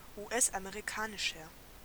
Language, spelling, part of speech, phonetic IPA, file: German, US-amerikanischer, adjective, [uːˈʔɛsʔameʁiˌkaːnɪʃɐ], De-US-amerikanischer.ogg
- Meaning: inflection of US-amerikanisch: 1. strong/mixed nominative masculine singular 2. strong genitive/dative feminine singular 3. strong genitive plural